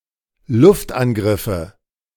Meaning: nominative/accusative/genitive plural of Luftangriff
- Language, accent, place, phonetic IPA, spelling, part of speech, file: German, Germany, Berlin, [ˈlʊftʔanˌɡʁɪfə], Luftangriffe, noun, De-Luftangriffe.ogg